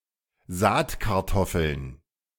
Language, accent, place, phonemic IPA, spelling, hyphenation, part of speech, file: German, Germany, Berlin, /ˈzaːtkaʁˈtɔfl̩n/, Saatkartoffeln, Saat‧kar‧tof‧feln, noun, De-Saatkartoffeln.ogg
- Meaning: plural of Saatkartoffel